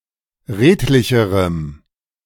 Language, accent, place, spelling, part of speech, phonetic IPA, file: German, Germany, Berlin, redlicherem, adjective, [ˈʁeːtlɪçəʁəm], De-redlicherem.ogg
- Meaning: strong dative masculine/neuter singular comparative degree of redlich